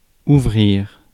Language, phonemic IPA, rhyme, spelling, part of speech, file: French, /u.vʁiʁ/, -iʁ, ouvrir, verb, Fr-ouvrir.ogg
- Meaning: 1. to open 2. to begin, to initiate 3. to open (of a door or a flower) 4. to open, to begin 5. to turn on, to switch on, to put on (of a device or an appliance)